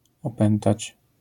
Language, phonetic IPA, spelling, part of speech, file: Polish, [ɔˈpɛ̃ntat͡ɕ], opętać, verb, LL-Q809 (pol)-opętać.wav